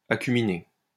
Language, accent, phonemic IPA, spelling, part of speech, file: French, France, /a.ky.mi.ne/, acuminé, adjective, LL-Q150 (fra)-acuminé.wav
- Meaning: acuminate